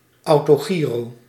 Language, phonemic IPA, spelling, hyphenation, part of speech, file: Dutch, /ˌɑu̯.toːˈɣiː.roː/, autogiro, au‧to‧gi‧ro, noun, Nl-autogiro.ogg
- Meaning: autogyro